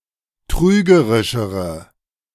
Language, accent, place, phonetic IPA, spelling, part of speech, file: German, Germany, Berlin, [ˈtʁyːɡəʁɪʃəʁə], trügerischere, adjective, De-trügerischere.ogg
- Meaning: inflection of trügerisch: 1. strong/mixed nominative/accusative feminine singular comparative degree 2. strong nominative/accusative plural comparative degree